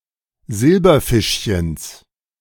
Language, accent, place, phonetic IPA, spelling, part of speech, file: German, Germany, Berlin, [ˈzɪlbɐˌfɪʃçəns], Silberfischchens, noun, De-Silberfischchens.ogg
- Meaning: genitive singular of Silberfischchen